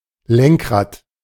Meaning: steering wheel
- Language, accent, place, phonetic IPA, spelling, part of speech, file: German, Germany, Berlin, [ˈlɛŋkˌʁaːt], Lenkrad, noun, De-Lenkrad.ogg